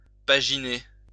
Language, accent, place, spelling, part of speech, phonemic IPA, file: French, France, Lyon, paginer, verb, /pa.ʒi.ne/, LL-Q150 (fra)-paginer.wav
- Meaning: to paginate